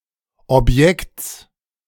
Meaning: genitive singular of Objekt
- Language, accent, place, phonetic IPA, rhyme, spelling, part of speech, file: German, Germany, Berlin, [ɔpˈjɛkt͡s], -ɛkt͡s, Objekts, noun, De-Objekts.ogg